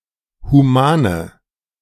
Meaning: inflection of human: 1. strong/mixed nominative/accusative feminine singular 2. strong nominative/accusative plural 3. weak nominative all-gender singular 4. weak accusative feminine/neuter singular
- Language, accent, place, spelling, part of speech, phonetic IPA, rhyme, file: German, Germany, Berlin, humane, adjective, [huˈmaːnə], -aːnə, De-humane.ogg